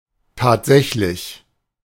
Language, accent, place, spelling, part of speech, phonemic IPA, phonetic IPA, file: German, Germany, Berlin, tatsächlich, adjective / adverb / interjection, /taːtˈzɛçlɪç/, [ˈtaːd͡zɛçlɪç], De-tatsächlich.ogg
- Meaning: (adjective) actual, real, factual; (adverb) actually, really, indeed; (interjection) really?, indeed?